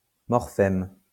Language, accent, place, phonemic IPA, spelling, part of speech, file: French, France, Lyon, /mɔʁ.fɛm/, morphème, noun, LL-Q150 (fra)-morphème.wav
- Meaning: morpheme (smallest linguistic unit within a word that can carry a meaning)